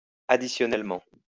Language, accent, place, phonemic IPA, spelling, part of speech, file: French, France, Lyon, /a.di.sjɔ.nɛl.mɑ̃/, additionnellement, adverb, LL-Q150 (fra)-additionnellement.wav
- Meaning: additionally